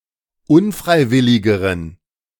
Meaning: inflection of unfreiwillig: 1. strong genitive masculine/neuter singular comparative degree 2. weak/mixed genitive/dative all-gender singular comparative degree
- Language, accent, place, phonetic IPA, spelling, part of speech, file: German, Germany, Berlin, [ˈʊnˌfʁaɪ̯ˌvɪlɪɡəʁən], unfreiwilligeren, adjective, De-unfreiwilligeren.ogg